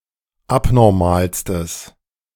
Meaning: strong/mixed nominative/accusative neuter singular superlative degree of abnormal
- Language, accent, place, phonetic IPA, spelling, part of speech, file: German, Germany, Berlin, [ˈapnɔʁmaːlstəs], abnormalstes, adjective, De-abnormalstes.ogg